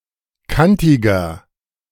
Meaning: 1. comparative degree of kantig 2. inflection of kantig: strong/mixed nominative masculine singular 3. inflection of kantig: strong genitive/dative feminine singular
- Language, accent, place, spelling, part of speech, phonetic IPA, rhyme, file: German, Germany, Berlin, kantiger, adjective, [ˈkantɪɡɐ], -antɪɡɐ, De-kantiger.ogg